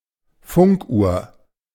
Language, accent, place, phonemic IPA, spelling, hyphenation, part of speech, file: German, Germany, Berlin, /ˈfʊŋkˌʔuːɐ̯/, Funkuhr, Funk‧uhr, noun, De-Funkuhr.ogg
- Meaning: radio clock